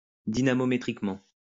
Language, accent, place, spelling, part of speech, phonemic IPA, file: French, France, Lyon, dynamométriquement, adverb, /di.na.mɔ.me.tʁik.mɑ̃/, LL-Q150 (fra)-dynamométriquement.wav
- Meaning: dynamometrically